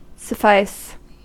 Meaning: 1. To be enough or sufficient; to meet the need (of anything); to be adequate; to be good enough 2. To satisfy; to content; to be equal to the wants or demands of 3. To furnish; to supply adequately
- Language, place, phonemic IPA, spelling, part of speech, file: English, California, /səˈfaɪs/, suffice, verb, En-us-suffice.ogg